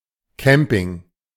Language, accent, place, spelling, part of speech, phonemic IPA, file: German, Germany, Berlin, Camping, noun, /ˈkɛmpɪŋ/, De-Camping.ogg
- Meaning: camping